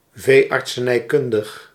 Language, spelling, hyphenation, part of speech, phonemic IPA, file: Dutch, veeartsenijkundig, vee‧art‧se‧nij‧kun‧dig, adjective, /veː.ɑrt.səˌnɛi̯ˈkʏn.dəx/, Nl-veeartsenijkundig.ogg
- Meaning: pertaining to veterinary medicine